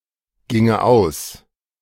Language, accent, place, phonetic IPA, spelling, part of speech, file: German, Germany, Berlin, [ˌɡɪŋə ˈaʊ̯s], ginge aus, verb, De-ginge aus.ogg
- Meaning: first/third-person singular subjunctive II of ausgehen